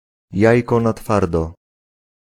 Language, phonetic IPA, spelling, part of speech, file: Polish, [ˈjäjkɔ na‿ˈtfardɔ], jajko na twardo, noun, Pl-jajko na twardo.ogg